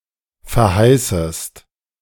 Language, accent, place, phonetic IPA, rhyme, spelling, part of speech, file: German, Germany, Berlin, [fɛɐ̯ˈhaɪ̯səst], -aɪ̯səst, verheißest, verb, De-verheißest.ogg
- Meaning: second-person singular subjunctive I of verheißen